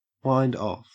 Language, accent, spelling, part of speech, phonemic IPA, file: English, Australia, wind off, verb, /ˌwaɪnd ˈɒf/, En-au-wind off.ogg
- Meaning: To unwind, unspool, or unreel something